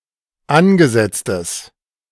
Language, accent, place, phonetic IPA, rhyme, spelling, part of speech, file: German, Germany, Berlin, [ˈanɡəˌzɛt͡stəs], -anɡəzɛt͡stəs, angesetztes, adjective, De-angesetztes.ogg
- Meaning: Inflected form of angesetzt